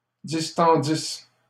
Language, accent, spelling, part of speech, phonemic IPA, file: French, Canada, distendisse, verb, /dis.tɑ̃.dis/, LL-Q150 (fra)-distendisse.wav
- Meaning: first-person singular imperfect subjunctive of distendre